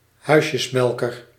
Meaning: slumlord
- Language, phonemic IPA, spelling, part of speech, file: Dutch, /ˈɦœy̯.sjəsˌmɛl.kər/, huisjesmelker, noun, Nl-huisjesmelker.ogg